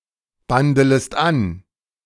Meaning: second-person singular subjunctive I of anbandeln
- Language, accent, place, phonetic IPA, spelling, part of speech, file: German, Germany, Berlin, [ˌbandələst ˈan], bandelest an, verb, De-bandelest an.ogg